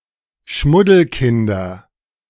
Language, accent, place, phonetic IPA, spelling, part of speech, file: German, Germany, Berlin, [ˈʃmʊdl̩ˌkɪndɐ], Schmuddelkinder, noun, De-Schmuddelkinder.ogg
- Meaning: nominative/accusative/genitive plural of Schmuddelkind